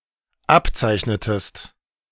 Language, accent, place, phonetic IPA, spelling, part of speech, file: German, Germany, Berlin, [ˈapˌt͡saɪ̯çnətəst], abzeichnetest, verb, De-abzeichnetest.ogg
- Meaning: inflection of abzeichnen: 1. second-person singular dependent preterite 2. second-person singular dependent subjunctive II